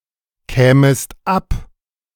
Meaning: second-person singular subjunctive II of abkommen
- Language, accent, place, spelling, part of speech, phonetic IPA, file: German, Germany, Berlin, kämest ab, verb, [ˌkɛːməst ˈap], De-kämest ab.ogg